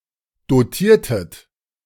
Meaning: inflection of dotieren: 1. second-person plural preterite 2. second-person plural subjunctive II
- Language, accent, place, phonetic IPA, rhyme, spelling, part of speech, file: German, Germany, Berlin, [doˈtiːɐ̯tət], -iːɐ̯tət, dotiertet, verb, De-dotiertet.ogg